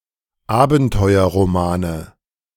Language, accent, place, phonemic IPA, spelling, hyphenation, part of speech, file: German, Germany, Berlin, /ˈaːbn̩tɔɪ̯ɐʁoˌmaːn/, Abenteuerromane, Aben‧teu‧er‧ro‧ma‧ne, noun, De-Abenteuerromane.ogg
- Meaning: nominative/accusative/genitive plural of Abenteuerroman